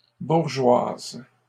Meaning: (noun) female equivalent of bourgeois; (adjective) feminine singular of bourgeois
- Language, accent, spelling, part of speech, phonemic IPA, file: French, Canada, bourgeoise, noun / adjective, /buʁ.ʒwaz/, LL-Q150 (fra)-bourgeoise.wav